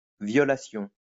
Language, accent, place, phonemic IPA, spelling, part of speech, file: French, France, Lyon, /vjɔ.la.sjɔ̃/, violation, noun, LL-Q150 (fra)-violation.wav
- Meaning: violation